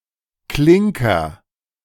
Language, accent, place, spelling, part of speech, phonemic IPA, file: German, Germany, Berlin, Klinker, noun, /ˈklɪŋkɐ/, De-Klinker.ogg
- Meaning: clinker (very hard brick)